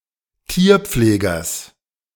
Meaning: genitive singular of Tierpfleger
- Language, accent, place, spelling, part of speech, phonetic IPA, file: German, Germany, Berlin, Tierpflegers, noun, [ˈtiːɐ̯ˌp͡fleːɡɐs], De-Tierpflegers.ogg